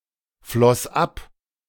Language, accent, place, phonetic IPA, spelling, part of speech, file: German, Germany, Berlin, [ˌflɔs ˈap], floss ab, verb, De-floss ab.ogg
- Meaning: first/third-person singular preterite of abfließen